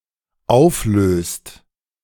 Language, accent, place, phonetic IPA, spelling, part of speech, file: German, Germany, Berlin, [ˈaʊ̯fˌløːst], auflöst, verb, De-auflöst.ogg
- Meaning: inflection of auflösen: 1. second/third-person singular dependent present 2. second-person plural dependent present